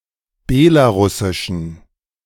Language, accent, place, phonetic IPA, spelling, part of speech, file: German, Germany, Berlin, [ˈbɛlaˌʁʊsɪʃn̩], Belarusischen, noun, De-Belarusischen.ogg
- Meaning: genitive singular of Belarusisch